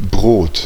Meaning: 1. bread 2. loaf of bread 3. slice of bread; sandwich 4. livelihood, subsistence
- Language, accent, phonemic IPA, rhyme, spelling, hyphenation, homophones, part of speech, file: German, Germany, /bʁoːt/, -oːt, Brot, Brot, Brod, noun, De-Brot.ogg